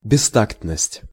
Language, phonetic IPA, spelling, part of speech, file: Russian, [bʲɪˈstaktnəsʲtʲ], бестактность, noun, Ru-бестактность.ogg
- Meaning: 1. indelicacy, tactlessness; social blunder, faux pas 2. indecorum